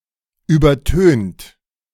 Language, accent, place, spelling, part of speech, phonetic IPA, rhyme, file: German, Germany, Berlin, übertönt, verb, [ˌyːbɐˈtøːnt], -øːnt, De-übertönt.ogg
- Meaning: 1. past participle of übertönen 2. inflection of übertönen: second-person plural present 3. inflection of übertönen: third-person singular present 4. inflection of übertönen: plural imperative